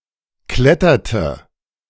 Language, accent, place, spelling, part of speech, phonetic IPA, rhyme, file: German, Germany, Berlin, kletterte, verb, [ˈklɛtɐtə], -ɛtɐtə, De-kletterte.ogg
- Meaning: inflection of klettern: 1. first/third-person singular preterite 2. first/third-person singular subjunctive II